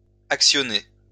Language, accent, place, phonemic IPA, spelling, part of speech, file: French, France, Lyon, /ak.sjɔ.ne/, actionnés, verb, LL-Q150 (fra)-actionnés.wav
- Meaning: masculine plural of actionné